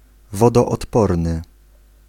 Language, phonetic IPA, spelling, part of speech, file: Polish, [ˌvɔdɔːtˈpɔrnɨ], wodoodporny, adjective, Pl-wodoodporny.ogg